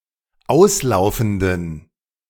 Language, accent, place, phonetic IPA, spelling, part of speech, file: German, Germany, Berlin, [ˈaʊ̯sˌlaʊ̯fn̩dən], auslaufenden, adjective, De-auslaufenden.ogg
- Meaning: inflection of auslaufend: 1. strong genitive masculine/neuter singular 2. weak/mixed genitive/dative all-gender singular 3. strong/weak/mixed accusative masculine singular 4. strong dative plural